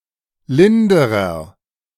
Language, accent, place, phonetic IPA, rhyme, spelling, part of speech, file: German, Germany, Berlin, [ˈlɪndəʁɐ], -ɪndəʁɐ, linderer, adjective, De-linderer.ogg
- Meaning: inflection of lind: 1. strong/mixed nominative masculine singular comparative degree 2. strong genitive/dative feminine singular comparative degree 3. strong genitive plural comparative degree